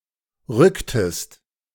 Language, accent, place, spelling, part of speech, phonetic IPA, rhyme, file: German, Germany, Berlin, rücktest, verb, [ˈʁʏktəst], -ʏktəst, De-rücktest.ogg
- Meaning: inflection of rücken: 1. second-person singular preterite 2. second-person singular subjunctive II